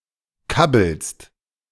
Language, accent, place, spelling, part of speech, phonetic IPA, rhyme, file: German, Germany, Berlin, kabbelst, verb, [ˈkabl̩st], -abl̩st, De-kabbelst.ogg
- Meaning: second-person singular present of kabbeln